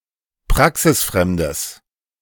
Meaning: strong/mixed nominative/accusative neuter singular of praxisfremd
- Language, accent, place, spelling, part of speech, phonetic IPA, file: German, Germany, Berlin, praxisfremdes, adjective, [ˈpʁaksɪsˌfʁɛmdəs], De-praxisfremdes.ogg